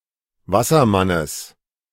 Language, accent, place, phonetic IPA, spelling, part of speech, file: German, Germany, Berlin, [ˈvasɐˌmanəs], Wassermannes, noun, De-Wassermannes.ogg
- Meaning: genitive of Wassermann